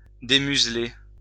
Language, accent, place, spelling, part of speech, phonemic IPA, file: French, France, Lyon, démuseler, verb, /de.myz.le/, LL-Q150 (fra)-démuseler.wav
- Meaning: to unmuzzle